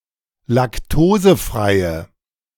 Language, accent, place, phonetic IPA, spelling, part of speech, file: German, Germany, Berlin, [lakˈtoːzəˌfʁaɪ̯ə], laktosefreie, adjective, De-laktosefreie.ogg
- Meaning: inflection of laktosefrei: 1. strong/mixed nominative/accusative feminine singular 2. strong nominative/accusative plural 3. weak nominative all-gender singular